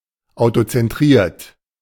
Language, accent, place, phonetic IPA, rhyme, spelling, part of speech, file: German, Germany, Berlin, [aʊ̯tot͡sɛnˈtʁiːɐ̯t], -iːɐ̯t, autozentriert, adjective, De-autozentriert.ogg
- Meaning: self-centred